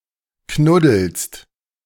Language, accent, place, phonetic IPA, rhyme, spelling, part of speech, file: German, Germany, Berlin, [ˈknʊdl̩st], -ʊdl̩st, knuddelst, verb, De-knuddelst.ogg
- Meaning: second-person singular present of knuddeln